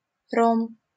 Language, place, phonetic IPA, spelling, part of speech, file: Russian, Saint Petersburg, [rom], ром, noun, LL-Q7737 (rus)-ром.wav
- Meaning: rum